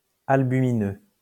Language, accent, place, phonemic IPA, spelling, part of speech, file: French, France, Lyon, /al.by.mi.nø/, albumineux, adjective, LL-Q150 (fra)-albumineux.wav
- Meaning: albuminous